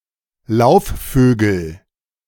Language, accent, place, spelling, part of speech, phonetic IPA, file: German, Germany, Berlin, Laufvögel, noun, [ˈlaʊ̯fˌføːɡl̩], De-Laufvögel.ogg
- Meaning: nominative/accusative/genitive plural of Laufvogel